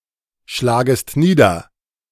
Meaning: second-person singular subjunctive I of niederschlagen
- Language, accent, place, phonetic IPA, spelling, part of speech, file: German, Germany, Berlin, [ˌʃlaːɡəst ˈniːdɐ], schlagest nieder, verb, De-schlagest nieder.ogg